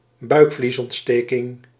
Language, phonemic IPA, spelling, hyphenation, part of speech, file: Dutch, /ˈbœy̯k.flis.ɔntˌsteː.kɪŋ/, buikvliesontsteking, buik‧vlies‧ont‧ste‧king, noun, Nl-buikvliesontsteking.ogg
- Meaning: peritonitis